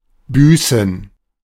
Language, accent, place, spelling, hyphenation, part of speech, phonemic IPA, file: German, Germany, Berlin, büßen, bü‧ßen, verb, /ˈbyːsn̩/, De-büßen.ogg
- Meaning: 1. to pay for, to make amends for 2. to repent, to do penance 3. to fine